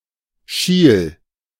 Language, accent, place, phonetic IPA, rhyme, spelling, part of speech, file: German, Germany, Berlin, [ʃiːl], -iːl, schiel, verb, De-schiel.ogg
- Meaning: singular imperative of schielen